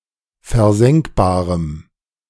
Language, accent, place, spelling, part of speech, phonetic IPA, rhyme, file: German, Germany, Berlin, versenkbarem, adjective, [fɛɐ̯ˈzɛŋkbaːʁəm], -ɛŋkbaːʁəm, De-versenkbarem.ogg
- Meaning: strong dative masculine/neuter singular of versenkbar